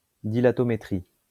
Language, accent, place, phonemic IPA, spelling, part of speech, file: French, France, Lyon, /di.la.tɔ.me.tʁi/, dilatométrie, noun, LL-Q150 (fra)-dilatométrie.wav
- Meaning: dilatometry